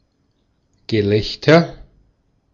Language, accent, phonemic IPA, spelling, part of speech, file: German, Austria, /ɡəˈlɛçtɐ/, Gelächter, noun, De-at-Gelächter.ogg
- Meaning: 1. laughter, laughing 2. object of ridicule